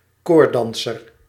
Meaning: tightrope walker (male or of unspecified gender)
- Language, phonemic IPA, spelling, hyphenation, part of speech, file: Dutch, /ˈkoːr(t)ˌdɑn.sər/, koorddanser, koord‧dan‧ser, noun, Nl-koorddanser.ogg